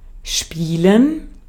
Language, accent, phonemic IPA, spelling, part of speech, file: German, Austria, /ˈʃpiːlən/, spielen, verb, De-at-spielen.ogg
- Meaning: 1. to play (engage in some activity for fun or entertainment) 2. to play, to engage in (a game, a sport, etc.) 3. to play, to perform (a piece of music, a role in theater or a movie)